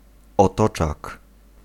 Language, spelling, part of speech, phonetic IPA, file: Polish, otoczak, noun, [ɔˈtɔt͡ʃak], Pl-otoczak.ogg